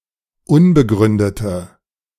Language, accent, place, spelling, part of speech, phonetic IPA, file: German, Germany, Berlin, unbegründete, adjective, [ˈʊnbəˌɡʁʏndətə], De-unbegründete.ogg
- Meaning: inflection of unbegründet: 1. strong/mixed nominative/accusative feminine singular 2. strong nominative/accusative plural 3. weak nominative all-gender singular